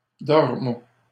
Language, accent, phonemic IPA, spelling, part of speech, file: French, Canada, /dɔʁ.mɔ̃/, dormons, verb, LL-Q150 (fra)-dormons.wav
- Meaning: inflection of dormir: 1. first-person plural present indicative 2. first-person plural imperative